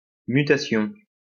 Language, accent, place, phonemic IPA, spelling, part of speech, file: French, France, Lyon, /my.ta.sjɔ̃/, mutation, noun, LL-Q150 (fra)-mutation.wav
- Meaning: 1. substitution 2. mutation 3. transfer, move